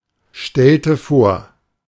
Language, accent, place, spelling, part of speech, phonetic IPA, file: German, Germany, Berlin, stellte vor, verb, [ˌʃtɛltə ˈfoːɐ̯], De-stellte vor.ogg
- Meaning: inflection of vorstellen: 1. first/third-person singular preterite 2. first/third-person singular subjunctive II